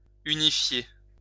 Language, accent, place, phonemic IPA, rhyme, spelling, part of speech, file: French, France, Lyon, /y.ni.fje/, -e, unifier, verb, LL-Q150 (fra)-unifier.wav
- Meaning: to unify